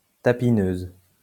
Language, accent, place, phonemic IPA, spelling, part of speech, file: French, France, Lyon, /ta.pi.nøz/, tapineuse, noun, LL-Q150 (fra)-tapineuse.wav
- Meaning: streetwalker